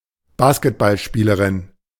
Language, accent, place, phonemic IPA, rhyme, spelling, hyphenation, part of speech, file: German, Germany, Berlin, /ˈbaːskətbalˌʃpiːləʁɪn/, -iːləʁɪn, Basketballspielerin, Basket‧ball‧spie‧le‧rin, noun, De-Basketballspielerin.ogg
- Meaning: female equivalent of Basketballspieler (“basketball player”)